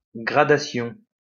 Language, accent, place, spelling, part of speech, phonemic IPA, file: French, France, Lyon, gradation, noun, /ɡʁa.da.sjɔ̃/, LL-Q150 (fra)-gradation.wav
- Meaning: gradation